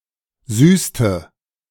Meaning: inflection of süßen: 1. first/third-person singular preterite 2. first/third-person singular subjunctive II
- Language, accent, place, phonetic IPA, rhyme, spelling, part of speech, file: German, Germany, Berlin, [ˈzyːstə], -yːstə, süßte, verb, De-süßte.ogg